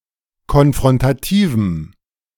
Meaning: strong dative masculine/neuter singular of konfrontativ
- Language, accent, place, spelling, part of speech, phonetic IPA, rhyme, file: German, Germany, Berlin, konfrontativem, adjective, [kɔnfʁɔntaˈtiːvm̩], -iːvm̩, De-konfrontativem.ogg